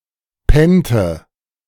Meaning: inflection of pennen: 1. first/third-person singular preterite 2. first/third-person singular subjunctive II
- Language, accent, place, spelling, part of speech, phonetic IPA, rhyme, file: German, Germany, Berlin, pennte, verb, [ˈpɛntə], -ɛntə, De-pennte.ogg